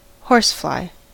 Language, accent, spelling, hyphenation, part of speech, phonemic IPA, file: English, US, horsefly, horse‧fly, noun, /ˈhoɹsˌflaɪ/, En-us-horsefly.ogg
- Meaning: Any of several medium to large flies, of the family Tabanidae, that suck the blood of mammals (not to be confused with Stomoxys calcitrans, the stable fly, or dog fly)